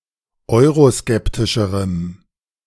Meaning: strong dative masculine/neuter singular comparative degree of euroskeptisch
- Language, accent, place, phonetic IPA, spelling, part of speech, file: German, Germany, Berlin, [ˈɔɪ̯ʁoˌskɛptɪʃəʁəm], euroskeptischerem, adjective, De-euroskeptischerem.ogg